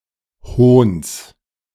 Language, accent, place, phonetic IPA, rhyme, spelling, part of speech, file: German, Germany, Berlin, [hoːns], -oːns, Hohns, noun, De-Hohns.ogg
- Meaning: genitive singular of Hohn